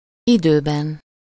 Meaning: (adverb) in time (at or before the time assigned); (noun) inessive singular of idő
- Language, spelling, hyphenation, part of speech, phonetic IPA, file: Hungarian, időben, idő‧ben, adverb / noun, [ˈidøːbɛn], Hu-időben.ogg